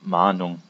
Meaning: 1. warning 2. reminder
- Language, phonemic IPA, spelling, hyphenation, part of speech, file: German, /ˈmaːnʊŋ/, Mahnung, Mah‧nung, noun, De-Mahnung.ogg